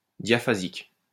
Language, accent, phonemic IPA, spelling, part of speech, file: French, France, /dja.fa.zik/, diaphasique, adjective, LL-Q150 (fra)-diaphasique.wav
- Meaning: diaphasic (relating to variation across register)